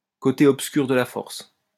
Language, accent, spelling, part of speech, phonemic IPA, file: French, France, côté obscur de la force, noun, /ko.te ɔp.skyʁ də la fɔʁs/, LL-Q150 (fra)-côté obscur de la force.wav
- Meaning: dark side of the Force